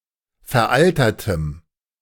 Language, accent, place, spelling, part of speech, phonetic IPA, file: German, Germany, Berlin, veraltertem, adjective, [fɛɐ̯ˈʔaltɐtəm], De-veraltertem.ogg
- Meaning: strong dative masculine/neuter singular of veraltert